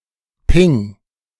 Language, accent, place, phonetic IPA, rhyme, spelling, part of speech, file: German, Germany, Berlin, [pɪŋ], -ɪŋ, Ping, noun, De-Ping.ogg
- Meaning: ping